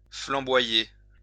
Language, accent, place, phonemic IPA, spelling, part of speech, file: French, France, Lyon, /flɑ̃.bwa.je/, flamboyer, verb, LL-Q150 (fra)-flamboyer.wav
- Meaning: to blaze, flame